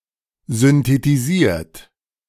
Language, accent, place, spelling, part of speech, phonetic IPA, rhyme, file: German, Germany, Berlin, synthetisiert, verb, [zʏntetiˈziːɐ̯t], -iːɐ̯t, De-synthetisiert.ogg
- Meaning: 1. past participle of synthetisieren 2. inflection of synthetisieren: third-person singular present 3. inflection of synthetisieren: second-person plural present